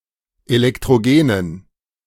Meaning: inflection of elektrogen: 1. strong genitive masculine/neuter singular 2. weak/mixed genitive/dative all-gender singular 3. strong/weak/mixed accusative masculine singular 4. strong dative plural
- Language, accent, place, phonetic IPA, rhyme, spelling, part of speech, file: German, Germany, Berlin, [elɛktʁoˈɡeːnən], -eːnən, elektrogenen, adjective, De-elektrogenen.ogg